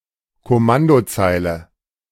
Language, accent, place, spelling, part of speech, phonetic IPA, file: German, Germany, Berlin, Kommandozeile, noun, [kɔˈmandoˌt͡saɪ̯lə], De-Kommandozeile.ogg
- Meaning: 1. command line 2. command line interface